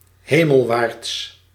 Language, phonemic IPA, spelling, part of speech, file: Dutch, /ˈheməlˌwarts/, hemelwaarts, adverb, Nl-hemelwaarts.ogg
- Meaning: towards heaven